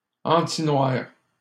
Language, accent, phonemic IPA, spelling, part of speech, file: French, Canada, /ɑ̃.ti.nwaʁ/, antinoir, adjective, LL-Q150 (fra)-antinoir.wav
- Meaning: antiblack